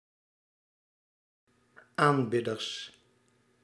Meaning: plural of aanbidder
- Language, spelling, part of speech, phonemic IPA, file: Dutch, aanbidders, noun, /amˈbɪdərs/, Nl-aanbidders.ogg